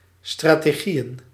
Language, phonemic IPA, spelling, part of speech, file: Dutch, /ˌstrateˈɣijə(n)/, strategieën, noun, Nl-strategieën.ogg
- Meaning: plural of strategie